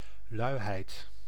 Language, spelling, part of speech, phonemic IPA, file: Dutch, luiheid, noun, /ˈlœy̯ɦɛi̯t/, Nl-luiheid.ogg
- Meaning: laziness